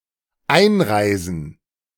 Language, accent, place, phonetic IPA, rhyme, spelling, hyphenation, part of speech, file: German, Germany, Berlin, [ˈaɪ̯nˌʁaɪ̯zn̩], -aɪ̯zn̩, einreisen, ein‧rei‧sen, verb, De-einreisen.ogg
- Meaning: to enter, to travel